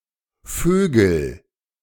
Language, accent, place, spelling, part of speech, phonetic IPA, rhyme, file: German, Germany, Berlin, vögel, verb, [ˈføːɡl̩], -øːɡl̩, De-vögel.ogg
- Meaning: inflection of vögeln: 1. first-person singular present 2. singular imperative